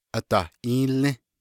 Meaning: 1. waterfall 2. anything that is flowing downward, such as water from melting snow, or smoke or fog that flow downward into a valley
- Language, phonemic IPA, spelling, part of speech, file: Navajo, /ʔɑ̀tɑ̀hʔíːlĩ́/, adahʼíílį́, noun, Nv-adahʼíílį́.ogg